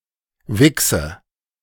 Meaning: 1. polish, especially shoe polish 2. cum (semen)
- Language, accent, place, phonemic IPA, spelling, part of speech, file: German, Germany, Berlin, /ˈvɪksə/, Wichse, noun, De-Wichse.ogg